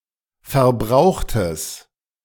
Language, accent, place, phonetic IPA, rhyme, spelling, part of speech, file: German, Germany, Berlin, [fɛɐ̯ˈbʁaʊ̯xtəs], -aʊ̯xtəs, verbrauchtes, adjective, De-verbrauchtes.ogg
- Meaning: strong/mixed nominative/accusative neuter singular of verbraucht